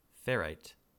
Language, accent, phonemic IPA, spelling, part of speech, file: English, US, /ˈfɛɹaɪt/, ferrite, noun, En-us-ferrite.ogg
- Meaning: The interstitial solid solution of carbon in body-centered cubic iron